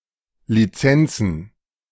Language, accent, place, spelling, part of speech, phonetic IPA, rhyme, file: German, Germany, Berlin, Lizenzen, noun, [liˈt͡sɛnt͡sn̩], -ɛnt͡sn̩, De-Lizenzen.ogg
- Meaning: plural of Lizenz